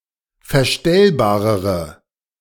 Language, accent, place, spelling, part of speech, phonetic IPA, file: German, Germany, Berlin, verstellbarere, adjective, [fɛɐ̯ˈʃtɛlbaːʁəʁə], De-verstellbarere.ogg
- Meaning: inflection of verstellbar: 1. strong/mixed nominative/accusative feminine singular comparative degree 2. strong nominative/accusative plural comparative degree